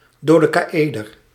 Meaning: dodecahedron
- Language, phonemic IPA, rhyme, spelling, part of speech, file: Dutch, /doː.deː.kaːˈeː.dər/, -eːdər, dodecaëder, noun, Nl-dodecaëder.ogg